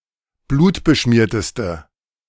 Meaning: inflection of blutbeschmiert: 1. strong/mixed nominative/accusative feminine singular superlative degree 2. strong nominative/accusative plural superlative degree
- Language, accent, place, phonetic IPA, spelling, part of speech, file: German, Germany, Berlin, [ˈbluːtbəˌʃmiːɐ̯təstə], blutbeschmierteste, adjective, De-blutbeschmierteste.ogg